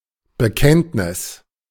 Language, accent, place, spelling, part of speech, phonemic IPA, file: German, Germany, Berlin, Bekenntnis, noun, /bəˈkɛntnɪs/, De-Bekenntnis.ogg
- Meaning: 1. confession 2. creed